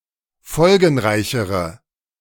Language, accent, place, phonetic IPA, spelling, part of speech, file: German, Germany, Berlin, [ˈfɔlɡn̩ˌʁaɪ̯çəʁə], folgenreichere, adjective, De-folgenreichere.ogg
- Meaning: inflection of folgenreich: 1. strong/mixed nominative/accusative feminine singular comparative degree 2. strong nominative/accusative plural comparative degree